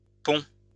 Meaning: third-person singular present indicative of pondre
- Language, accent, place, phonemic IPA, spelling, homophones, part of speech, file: French, France, Lyon, /pɔ̃/, pond, ponds, verb, LL-Q150 (fra)-pond.wav